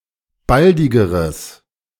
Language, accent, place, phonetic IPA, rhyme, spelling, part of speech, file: German, Germany, Berlin, [ˈbaldɪɡəʁəs], -aldɪɡəʁəs, baldigeres, adjective, De-baldigeres.ogg
- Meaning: strong/mixed nominative/accusative neuter singular comparative degree of baldig